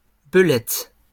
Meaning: plural of belette
- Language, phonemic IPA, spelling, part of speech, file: French, /bə.lɛt/, belettes, noun, LL-Q150 (fra)-belettes.wav